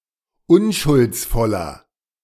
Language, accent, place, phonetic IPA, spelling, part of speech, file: German, Germany, Berlin, [ˈʊnʃʊlt͡sˌfɔlɐ], unschuldsvoller, adjective, De-unschuldsvoller.ogg
- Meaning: 1. comparative degree of unschuldsvoll 2. inflection of unschuldsvoll: strong/mixed nominative masculine singular 3. inflection of unschuldsvoll: strong genitive/dative feminine singular